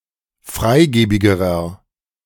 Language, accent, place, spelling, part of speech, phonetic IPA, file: German, Germany, Berlin, freigebigerer, adjective, [ˈfʁaɪ̯ˌɡeːbɪɡəʁɐ], De-freigebigerer.ogg
- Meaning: inflection of freigebig: 1. strong/mixed nominative masculine singular comparative degree 2. strong genitive/dative feminine singular comparative degree 3. strong genitive plural comparative degree